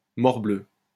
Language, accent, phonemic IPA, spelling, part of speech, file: French, France, /mɔʁ.blø/, morbleu, interjection, LL-Q150 (fra)-morbleu.wav
- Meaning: gadzooks, zounds